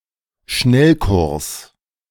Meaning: crash course
- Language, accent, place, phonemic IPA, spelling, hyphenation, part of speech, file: German, Germany, Berlin, /ˈʃnɛlˌkʊʁs/, Schnellkurs, Schnell‧kurs, noun, De-Schnellkurs.ogg